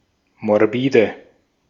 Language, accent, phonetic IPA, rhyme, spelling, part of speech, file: German, Austria, [mɔʁˈbiːdə], -iːdə, morbide, adjective, De-at-morbide.ogg
- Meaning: inflection of morbid: 1. strong/mixed nominative/accusative feminine singular 2. strong nominative/accusative plural 3. weak nominative all-gender singular 4. weak accusative feminine/neuter singular